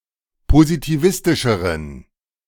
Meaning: inflection of positivistisch: 1. strong genitive masculine/neuter singular comparative degree 2. weak/mixed genitive/dative all-gender singular comparative degree
- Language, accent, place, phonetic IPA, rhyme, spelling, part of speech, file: German, Germany, Berlin, [pozitiˈvɪstɪʃəʁən], -ɪstɪʃəʁən, positivistischeren, adjective, De-positivistischeren.ogg